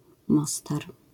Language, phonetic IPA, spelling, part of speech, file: Polish, [ˈmɔstar], Mostar, proper noun, LL-Q809 (pol)-Mostar.wav